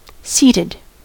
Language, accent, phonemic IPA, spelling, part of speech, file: English, US, /ˈsiːtɪd/, seated, adjective / verb, En-us-seated.ogg
- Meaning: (adjective) 1. Sitting 2. Of a woman's skirt, stretched out and baggy over the wearer's buttocks from much sitting while wearing the skirt 3. Fixed; confirmed 4. Located; situated